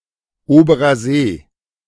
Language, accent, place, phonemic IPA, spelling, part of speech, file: German, Germany, Berlin, /ˈoːbɐʁɐ ˈzeː/, Oberer See, proper noun, De-Oberer See.ogg
- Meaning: Lake Superior